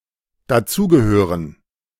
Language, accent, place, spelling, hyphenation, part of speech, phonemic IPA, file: German, Germany, Berlin, dazugehören, da‧zu‧ge‧hö‧ren, verb, /daˈt͡suːɡəˌhøːʁən/, De-dazugehören.ogg
- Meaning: to fit in, belong